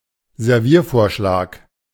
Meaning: serving suggestion
- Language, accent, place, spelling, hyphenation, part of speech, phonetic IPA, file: German, Germany, Berlin, Serviervorschlag, Ser‧vier‧vor‧schlag, noun, [zɛʁˈviːɐ̯ˌfoːɐ̯ʃlaːk], De-Serviervorschlag.ogg